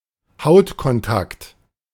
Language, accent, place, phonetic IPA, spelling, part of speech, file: German, Germany, Berlin, [ˈhaʊ̯tkɔnˌtakt], Hautkontakt, noun, De-Hautkontakt.ogg
- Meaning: skin contact